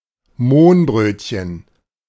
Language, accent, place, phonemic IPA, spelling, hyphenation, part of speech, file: German, Germany, Berlin, /ˈmoːnˌbʁøːtçən/, Mohnbrötchen, Mohn‧bröt‧chen, noun, De-Mohnbrötchen.ogg
- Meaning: poppy seed bun (bread roll covered with poppy seeds)